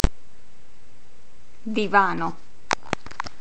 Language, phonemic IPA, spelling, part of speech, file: Italian, /diˈvano/, divano, noun, It-divano.oga